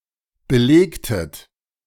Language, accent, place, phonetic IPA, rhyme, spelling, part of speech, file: German, Germany, Berlin, [bəˈleːktət], -eːktət, belegtet, verb, De-belegtet.ogg
- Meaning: inflection of belegen: 1. second-person plural preterite 2. second-person plural subjunctive II